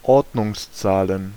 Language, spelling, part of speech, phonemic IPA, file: German, Ordnungszahlen, noun, /ˈɔʁdnʊŋsˌtsaːlən/, De-Ordnungszahlen.ogg
- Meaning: plural of Ordnungszahl